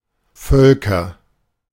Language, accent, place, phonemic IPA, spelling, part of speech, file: German, Germany, Berlin, /ˈfœl.kɐ/, Völker, noun, De-Völker.ogg
- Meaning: nominative/accusative/genitive plural of Volk